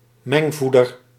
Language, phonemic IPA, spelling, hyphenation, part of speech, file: Dutch, /ˈmɛŋˌvu.dər/, mengvoeder, meng‧voe‧der, noun, Nl-mengvoeder.ogg
- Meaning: mixed fodder